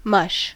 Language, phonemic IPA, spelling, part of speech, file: English, /mʌʃ/, mush, noun / verb / interjection, En-us-mush.ogg
- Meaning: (noun) 1. A somewhat liquid mess, often of food; a soft or semisolid substance 2. A mixture of noise produced by the harmonics of continuous-wave stations 3. The foam of a breaker